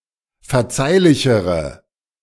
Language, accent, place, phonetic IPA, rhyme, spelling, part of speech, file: German, Germany, Berlin, [fɛɐ̯ˈt͡saɪ̯lɪçəʁə], -aɪ̯lɪçəʁə, verzeihlichere, adjective, De-verzeihlichere.ogg
- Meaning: inflection of verzeihlich: 1. strong/mixed nominative/accusative feminine singular comparative degree 2. strong nominative/accusative plural comparative degree